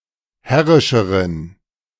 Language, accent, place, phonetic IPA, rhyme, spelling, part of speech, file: German, Germany, Berlin, [ˈhɛʁɪʃəʁən], -ɛʁɪʃəʁən, herrischeren, adjective, De-herrischeren.ogg
- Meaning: inflection of herrisch: 1. strong genitive masculine/neuter singular comparative degree 2. weak/mixed genitive/dative all-gender singular comparative degree